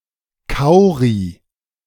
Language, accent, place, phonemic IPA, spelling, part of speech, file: German, Germany, Berlin, /ˈkaʊ̯ʁi/, Kauri, noun, De-Kauri.ogg
- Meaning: cowrie